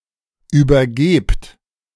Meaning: inflection of übergeben: 1. second-person plural present 2. plural imperative
- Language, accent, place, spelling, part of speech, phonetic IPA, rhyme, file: German, Germany, Berlin, übergebt, verb, [yːbɐˈɡeːpt], -eːpt, De-übergebt.ogg